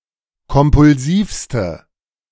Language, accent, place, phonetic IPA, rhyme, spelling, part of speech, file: German, Germany, Berlin, [kɔmpʊlˈziːfstə], -iːfstə, kompulsivste, adjective, De-kompulsivste.ogg
- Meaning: inflection of kompulsiv: 1. strong/mixed nominative/accusative feminine singular superlative degree 2. strong nominative/accusative plural superlative degree